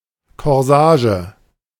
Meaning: corsage
- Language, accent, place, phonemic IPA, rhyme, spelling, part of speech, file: German, Germany, Berlin, /kɔʁˈzaːʒə/, -aːʒə, Korsage, noun, De-Korsage.ogg